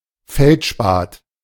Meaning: feldspar
- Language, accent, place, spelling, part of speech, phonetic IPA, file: German, Germany, Berlin, Feldspat, noun, [ˈfɛltˌʃpaːt], De-Feldspat.ogg